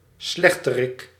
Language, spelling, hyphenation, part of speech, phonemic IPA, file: Dutch, slechterik, slech‧te‧rik, noun, /ˈslɛx.təˌrɪk/, Nl-slechterik.ogg
- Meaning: baddie, bad guy, villain